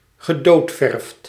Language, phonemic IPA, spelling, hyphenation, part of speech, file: Dutch, /ɣəˈdoːtˌfɛrft/, gedoodverfd, ge‧dood‧verfd, adjective, Nl-gedoodverfd.ogg
- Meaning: predestined, favourite, expected